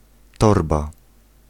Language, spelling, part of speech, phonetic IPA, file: Polish, torba, noun, [ˈtɔrba], Pl-torba.ogg